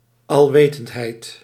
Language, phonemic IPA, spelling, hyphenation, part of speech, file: Dutch, /ɑlˈʋeː.təntˌɦɛi̯t/, alwetendheid, al‧we‧tend‧heid, noun, Nl-alwetendheid.ogg
- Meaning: omniscience